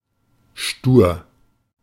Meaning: stubborn
- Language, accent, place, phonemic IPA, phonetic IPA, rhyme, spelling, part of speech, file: German, Germany, Berlin, /ʃtuːr/, [ʃtuːɐ̯], -uːr, stur, adjective, De-stur.ogg